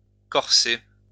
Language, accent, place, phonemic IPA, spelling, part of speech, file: French, France, Lyon, /kɔʁ.se/, corser, verb, LL-Q150 (fra)-corser.wav
- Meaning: 1. to spice up 2. to increase 3. to worsen